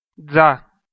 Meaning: the name of the Armenian letter ձ (j)
- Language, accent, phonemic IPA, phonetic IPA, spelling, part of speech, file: Armenian, Eastern Armenian, /d͡zɑ/, [d͡zɑ], ձա, noun, Hy-EA-ձա.ogg